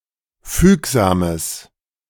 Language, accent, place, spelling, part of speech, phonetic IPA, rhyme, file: German, Germany, Berlin, fügsames, adjective, [ˈfyːkzaːməs], -yːkzaːməs, De-fügsames.ogg
- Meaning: strong/mixed nominative/accusative neuter singular of fügsam